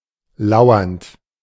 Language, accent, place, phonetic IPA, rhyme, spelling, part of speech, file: German, Germany, Berlin, [ˈlaʊ̯ɐnt], -aʊ̯ɐnt, lauernd, verb, De-lauernd.ogg
- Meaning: present participle of lauern